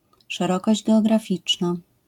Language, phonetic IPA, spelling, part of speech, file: Polish, [ʃɛˈrɔkɔʑd͡ʑ ˌɡɛɔɡraˈfʲit͡ʃna], szerokość geograficzna, noun, LL-Q809 (pol)-szerokość geograficzna.wav